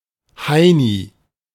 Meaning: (noun) scatterbrained, stupid person; nut; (proper noun) a diminutive of the male given name Heinrich, equivalent to English Hank
- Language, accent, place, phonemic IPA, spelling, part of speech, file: German, Germany, Berlin, /ˈhaɪni/, Heini, noun / proper noun, De-Heini.ogg